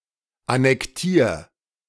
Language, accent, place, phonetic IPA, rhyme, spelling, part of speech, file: German, Germany, Berlin, [anɛkˈtiːɐ̯], -iːɐ̯, annektier, verb, De-annektier.ogg
- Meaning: 1. singular imperative of annektieren 2. first-person singular present of annektieren